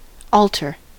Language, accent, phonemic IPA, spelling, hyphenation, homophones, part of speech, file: English, US, /ˈɔl.tɚ/, altar, al‧tar, alter, noun, En-us-altar.ogg
- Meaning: 1. A table or similar flat-topped structure used for religious rites 2. A raised area around an altar in a church; the sanctuary